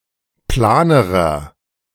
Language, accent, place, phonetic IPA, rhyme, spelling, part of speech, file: German, Germany, Berlin, [ˈplaːnəʁɐ], -aːnəʁɐ, planerer, adjective, De-planerer.ogg
- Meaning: inflection of plan: 1. strong/mixed nominative masculine singular comparative degree 2. strong genitive/dative feminine singular comparative degree 3. strong genitive plural comparative degree